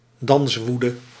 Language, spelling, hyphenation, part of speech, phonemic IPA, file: Dutch, danswoede, dans‧woe‧de, noun, /ˈdɑnsˌʋu.də/, Nl-danswoede.ogg
- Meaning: tarantism